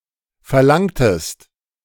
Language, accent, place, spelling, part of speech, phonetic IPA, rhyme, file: German, Germany, Berlin, verlangtest, verb, [fɛɐ̯ˈlaŋtəst], -aŋtəst, De-verlangtest.ogg
- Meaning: inflection of verlangen: 1. second-person singular preterite 2. second-person singular subjunctive II